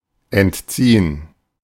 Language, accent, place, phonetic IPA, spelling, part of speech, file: German, Germany, Berlin, [ʔɛntˈtsiː.ən], entziehen, verb, De-entziehen.ogg
- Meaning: 1. to revoke (a right or permission) 2. to withdraw (to remove, stop providing) 3. to extract (to withdraw by a mechanical or chemical process)